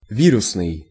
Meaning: 1. virus 2. viral
- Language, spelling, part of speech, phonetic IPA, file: Russian, вирусный, adjective, [ˈvʲirʊsnɨj], Ru-вирусный.ogg